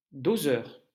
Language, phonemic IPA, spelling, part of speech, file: French, /do.zœʁ/, doseur, noun, LL-Q150 (fra)-doseur.wav
- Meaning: 1. measure 2. dosing